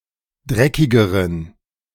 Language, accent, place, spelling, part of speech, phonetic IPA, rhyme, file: German, Germany, Berlin, dreckigeren, adjective, [ˈdʁɛkɪɡəʁən], -ɛkɪɡəʁən, De-dreckigeren.ogg
- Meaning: inflection of dreckig: 1. strong genitive masculine/neuter singular comparative degree 2. weak/mixed genitive/dative all-gender singular comparative degree